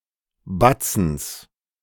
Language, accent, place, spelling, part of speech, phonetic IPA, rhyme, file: German, Germany, Berlin, Batzens, noun, [ˈbat͡sn̩s], -at͡sn̩s, De-Batzens.ogg
- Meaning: genitive singular of Batzen